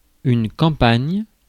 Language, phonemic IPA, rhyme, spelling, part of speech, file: French, /kɑ̃.paɲ/, -aɲ, campagne, noun, Fr-campagne.ogg
- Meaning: 1. country (the country, rural area, as opposed to the town or city), countryside 2. campaign